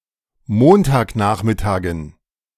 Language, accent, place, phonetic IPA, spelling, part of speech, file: German, Germany, Berlin, [ˈmoːntaːkˌnaːxmɪtaːɡn̩], Montagnachmittagen, noun, De-Montagnachmittagen.ogg
- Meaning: dative plural of Montagnachmittag